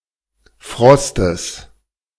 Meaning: genitive singular of Frost
- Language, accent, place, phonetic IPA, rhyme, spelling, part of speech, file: German, Germany, Berlin, [ˈfʁɔstəs], -ɔstəs, Frostes, noun, De-Frostes.ogg